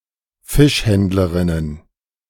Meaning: plural of Fischhändlerin
- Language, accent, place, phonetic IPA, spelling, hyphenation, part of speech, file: German, Germany, Berlin, [ˈfɪʃˌhɛndləʁɪnən], Fischhändlerinnen, Fisch‧händ‧le‧rin‧nen, noun, De-Fischhändlerinnen.ogg